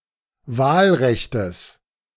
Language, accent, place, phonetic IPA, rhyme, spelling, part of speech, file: German, Germany, Berlin, [ˈvaːlˌʁɛçtəs], -aːlʁɛçtəs, Wahlrechtes, noun, De-Wahlrechtes.ogg
- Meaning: genitive singular of Wahlrecht